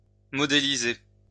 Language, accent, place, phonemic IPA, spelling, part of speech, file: French, France, Lyon, /mɔ.de.li.ze/, modéliser, verb, LL-Q150 (fra)-modéliser.wav
- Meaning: to model (construct a physical or conceptual model)